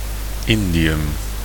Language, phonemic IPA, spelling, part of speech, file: Dutch, /ˈɪndijʏm/, indium, noun, Nl-indium.ogg
- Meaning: indium